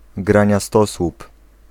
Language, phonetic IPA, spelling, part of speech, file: Polish, [ˌɡrãɲaˈstɔswup], graniastosłup, noun, Pl-graniastosłup.ogg